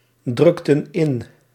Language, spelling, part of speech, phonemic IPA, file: Dutch, drukten in, verb, /ˈdrʏktə(n) ˈɪn/, Nl-drukten in.ogg
- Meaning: inflection of indrukken: 1. plural past indicative 2. plural past subjunctive